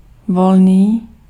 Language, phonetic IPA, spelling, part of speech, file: Czech, [ˈvolniː], volný, adjective, Cs-volný.ogg
- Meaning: 1. free (not imprisoned) 2. free, free of charge (obtainable without payment) 3. free (unconstrained, not bound) 4. loose